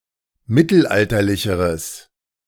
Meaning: strong/mixed nominative/accusative neuter singular comparative degree of mittelalterlich
- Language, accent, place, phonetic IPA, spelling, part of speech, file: German, Germany, Berlin, [ˈmɪtl̩ˌʔaltɐlɪçəʁəs], mittelalterlicheres, adjective, De-mittelalterlicheres.ogg